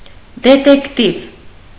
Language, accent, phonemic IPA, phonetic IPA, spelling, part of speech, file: Armenian, Eastern Armenian, /detekˈtiv/, [detektív], դետեկտիվ, noun, Hy-դետեկտիվ.ogg
- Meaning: detective story